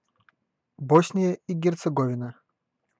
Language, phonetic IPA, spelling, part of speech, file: Russian, [ˈbosnʲɪjə i ɡʲɪrt͡sɨɡɐˈvʲinə], Босния и Герцеговина, proper noun, Ru-Босния и Герцеговина.ogg
- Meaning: Bosnia and Herzegovina (a country on the Balkan Peninsula in Southeastern Europe)